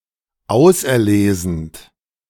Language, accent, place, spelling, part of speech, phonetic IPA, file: German, Germany, Berlin, auserlesend, verb, [ˈaʊ̯sʔɛɐ̯ˌleːzn̩t], De-auserlesend.ogg
- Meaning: present participle of auserlesen